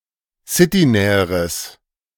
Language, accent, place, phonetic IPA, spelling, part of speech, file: German, Germany, Berlin, [ˈsɪtiˌnɛːəʁəs], citynäheres, adjective, De-citynäheres.ogg
- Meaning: strong/mixed nominative/accusative neuter singular comparative degree of citynah